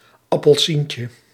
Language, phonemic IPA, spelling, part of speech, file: Dutch, /ɑpəlˈsincə/, appelsientje, noun, Nl-appelsientje.ogg
- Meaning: diminutive of appelsien